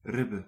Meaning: plural of rib
- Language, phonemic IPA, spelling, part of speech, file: Dutch, /ˈrɪ.bə(n)/, ribben, noun, Nl-ribben.ogg